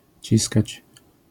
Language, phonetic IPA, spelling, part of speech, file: Polish, [ˈt͡ɕiskat͡ɕ], ciskać, verb, LL-Q809 (pol)-ciskać.wav